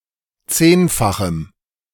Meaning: strong dative masculine/neuter singular of zehnfach
- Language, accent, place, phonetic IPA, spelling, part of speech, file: German, Germany, Berlin, [ˈt͡seːnfaxm̩], zehnfachem, adjective, De-zehnfachem.ogg